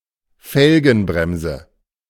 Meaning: rim brake
- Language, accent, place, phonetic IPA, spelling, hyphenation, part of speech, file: German, Germany, Berlin, [ˈfɛlɡənˌbʁɛmzə], Felgenbremse, Fel‧gen‧brem‧se, noun, De-Felgenbremse.ogg